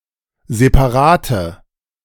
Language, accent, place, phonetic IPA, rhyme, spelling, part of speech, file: German, Germany, Berlin, [zepaˈʁaːtə], -aːtə, separate, adjective, De-separate.ogg
- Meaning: inflection of separat: 1. strong/mixed nominative/accusative feminine singular 2. strong nominative/accusative plural 3. weak nominative all-gender singular 4. weak accusative feminine/neuter singular